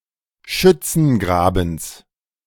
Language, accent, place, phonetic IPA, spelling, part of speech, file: German, Germany, Berlin, [ˈʃʏt͡sn̩ˌɡʁaːbn̩s], Schützengrabens, noun, De-Schützengrabens.ogg
- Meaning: genitive singular of Schützengraben